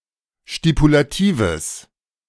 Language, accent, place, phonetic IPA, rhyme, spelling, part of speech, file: German, Germany, Berlin, [ʃtipulaˈtiːvəs], -iːvəs, stipulatives, adjective, De-stipulatives.ogg
- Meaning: strong/mixed nominative/accusative neuter singular of stipulativ